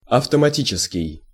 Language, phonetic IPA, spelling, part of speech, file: Russian, [ɐftəmɐˈtʲit͡ɕɪskʲɪj], автоматический, adjective, Ru-автоматический.ogg
- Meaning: automatic